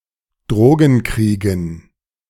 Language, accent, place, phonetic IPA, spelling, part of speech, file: German, Germany, Berlin, [ˈdʁoːɡn̩ˌkʁiːɡn̩], Drogenkriegen, noun, De-Drogenkriegen.ogg
- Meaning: dative plural of Drogenkrieg